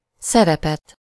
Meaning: accusative singular of szerep
- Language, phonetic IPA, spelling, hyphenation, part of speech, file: Hungarian, [ˈsɛrɛpɛt], szerepet, sze‧re‧pet, noun, Hu-szerepet.ogg